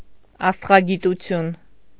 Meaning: astronomy
- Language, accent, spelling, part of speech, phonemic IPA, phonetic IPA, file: Armenian, Eastern Armenian, աստղագիտություն, noun, /ɑstʁɑɡituˈtʰjun/, [ɑstʁɑɡitut͡sʰjún], Hy-աստղագիտություն.ogg